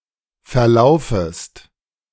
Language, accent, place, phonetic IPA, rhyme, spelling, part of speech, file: German, Germany, Berlin, [fɛɐ̯ˈlaʊ̯fəst], -aʊ̯fəst, verlaufest, verb, De-verlaufest.ogg
- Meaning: second-person singular subjunctive I of verlaufen